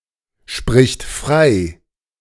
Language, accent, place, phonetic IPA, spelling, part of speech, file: German, Germany, Berlin, [ˌʃpʁɪçt ˈfʁaɪ̯], spricht frei, verb, De-spricht frei.ogg
- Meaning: third-person singular present of freisprechen